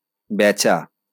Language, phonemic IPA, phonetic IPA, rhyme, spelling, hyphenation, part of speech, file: Bengali, /bæ.t͡ʃa/, [ˈbɛ.t͡ʃa], -æt͡ʃa, বেচা, বে‧চা, verb, LL-Q9610 (ben)-বেচা.wav
- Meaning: to sell